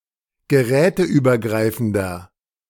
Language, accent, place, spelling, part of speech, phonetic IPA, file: German, Germany, Berlin, geräteübergreifender, adjective, [ɡəˈʁɛːtəʔyːbɐˌɡʁaɪ̯fn̩dɐ], De-geräteübergreifender.ogg
- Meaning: inflection of geräteübergreifend: 1. strong/mixed nominative masculine singular 2. strong genitive/dative feminine singular 3. strong genitive plural